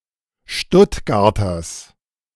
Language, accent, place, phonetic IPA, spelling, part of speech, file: German, Germany, Berlin, [ˈʃtʊtɡaʁtɐs], Stuttgarters, noun, De-Stuttgarters.ogg
- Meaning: genitive singular of Stuttgarter